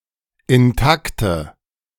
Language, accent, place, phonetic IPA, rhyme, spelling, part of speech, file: German, Germany, Berlin, [ɪnˈtaktə], -aktə, intakte, adjective, De-intakte.ogg
- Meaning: inflection of intakt: 1. strong/mixed nominative/accusative feminine singular 2. strong nominative/accusative plural 3. weak nominative all-gender singular 4. weak accusative feminine/neuter singular